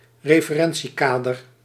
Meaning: frame of reference: 1. system of organising thought containing prior beliefs 2. diagram or system from where an observer observes (relative) motion
- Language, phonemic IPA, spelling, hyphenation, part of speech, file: Dutch, /reː.fəˈrɛn.(t)siˌkaː.dər/, referentiekader, re‧fe‧ren‧tie‧ka‧der, noun, Nl-referentiekader.ogg